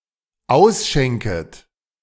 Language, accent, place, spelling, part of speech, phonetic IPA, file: German, Germany, Berlin, ausschenket, verb, [ˈaʊ̯sˌʃɛŋkət], De-ausschenket.ogg
- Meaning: second-person plural dependent subjunctive I of ausschenken